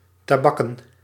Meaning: plural of tabak
- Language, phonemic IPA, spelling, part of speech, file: Dutch, /taˈbɑkə(n)/, tabakken, noun / verb, Nl-tabakken.ogg